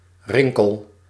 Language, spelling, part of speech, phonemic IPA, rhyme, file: Dutch, rinkel, noun, /ˈrɪŋ.kəl/, -ɪŋkəl, Nl-rinkel.ogg
- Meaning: a metal disc (as a percussion cymbal, etc.) or ringlet used to produce a ringing sound